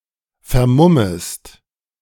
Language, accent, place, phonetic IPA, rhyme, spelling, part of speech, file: German, Germany, Berlin, [fɛɐ̯ˈmʊməst], -ʊməst, vermummest, verb, De-vermummest.ogg
- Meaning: second-person singular subjunctive I of vermummen